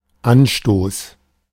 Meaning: 1. impetus, initiation, trigger 2. offense 3. kick-off
- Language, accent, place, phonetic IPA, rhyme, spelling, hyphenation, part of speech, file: German, Germany, Berlin, [ˈanʃtoːs], -oːs, Anstoß, An‧stoß, noun, De-Anstoß.ogg